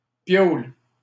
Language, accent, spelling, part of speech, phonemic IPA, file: French, Canada, piaule, noun / verb, /pjol/, LL-Q150 (fra)-piaule.wav
- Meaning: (noun) pad, place; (verb) inflection of piauler: 1. first/third-person singular present indicative/subjunctive 2. second-person singular imperative